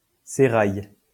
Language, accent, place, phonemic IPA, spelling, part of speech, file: French, France, Lyon, /se.ʁaj/, sérail, noun, LL-Q150 (fra)-sérail.wav
- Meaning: 1. seraglio 2. innermost circle, entourage